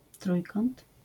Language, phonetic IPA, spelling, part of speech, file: Polish, [ˈtrujkɔ̃nt], trójkąt, noun, LL-Q809 (pol)-trójkąt.wav